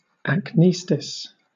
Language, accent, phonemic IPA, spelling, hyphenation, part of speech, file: English, Southern England, /ækˈniːstɪs/, acnestis, acnes‧tis, noun, LL-Q1860 (eng)-acnestis.wav
- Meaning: The section of an animal's skin that it cannot reach in order to scratch itself, usually the space between the shoulder blades